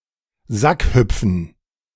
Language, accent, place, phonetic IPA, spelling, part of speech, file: German, Germany, Berlin, [ˈzakˌhʏp͡fn̩], Sackhüpfen, noun, De-Sackhüpfen.ogg
- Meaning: sack race